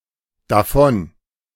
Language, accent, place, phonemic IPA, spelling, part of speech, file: German, Germany, Berlin, /daˈfɔn/, davon, adverb, De-davon.ogg
- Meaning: from it, from that, therefrom, off it, off that